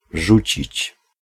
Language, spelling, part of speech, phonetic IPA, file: Polish, rzucić, verb, [ˈʒut͡ɕit͡ɕ], Pl-rzucić.ogg